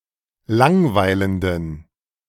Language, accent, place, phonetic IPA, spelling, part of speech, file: German, Germany, Berlin, [ˈlaŋˌvaɪ̯ləndn̩], langweilenden, adjective, De-langweilenden.ogg
- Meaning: inflection of langweilend: 1. strong genitive masculine/neuter singular 2. weak/mixed genitive/dative all-gender singular 3. strong/weak/mixed accusative masculine singular 4. strong dative plural